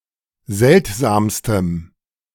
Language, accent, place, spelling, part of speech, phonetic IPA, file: German, Germany, Berlin, seltsamstem, adjective, [ˈzɛltzaːmstəm], De-seltsamstem.ogg
- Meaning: strong dative masculine/neuter singular superlative degree of seltsam